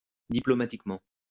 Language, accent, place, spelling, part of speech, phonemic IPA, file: French, France, Lyon, diplomatiquement, adverb, /di.plɔ.ma.tik.mɑ̃/, LL-Q150 (fra)-diplomatiquement.wav
- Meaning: diplomatically